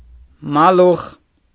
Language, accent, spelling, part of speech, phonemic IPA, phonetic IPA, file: Armenian, Eastern Armenian, մալուխ, noun, /mɑˈluχ/, [mɑlúχ], Hy-մալուխ.ogg
- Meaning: cable